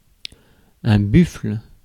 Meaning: buffalo
- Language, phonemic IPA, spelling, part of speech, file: French, /byfl/, buffle, noun, Fr-buffle.ogg